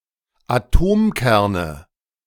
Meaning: nominative/accusative/genitive plural of Atomkern
- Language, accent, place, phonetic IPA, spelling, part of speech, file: German, Germany, Berlin, [aˈtoːmˌkɛʁnə], Atomkerne, noun, De-Atomkerne.ogg